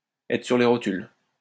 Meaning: to be knackered, to be exhausted, to be on one's last legs
- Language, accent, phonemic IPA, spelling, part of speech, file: French, France, /ɛ.tʁə syʁ le ʁɔ.tyl/, être sur les rotules, verb, LL-Q150 (fra)-être sur les rotules.wav